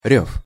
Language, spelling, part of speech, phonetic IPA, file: Russian, рёв, noun, [rʲɵf], Ru-рёв.ogg
- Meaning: 1. roar, bellow (long, loud, deep shout) 2. howl (loud cry) 3. genitive/accusative plural of рёва (rjóva)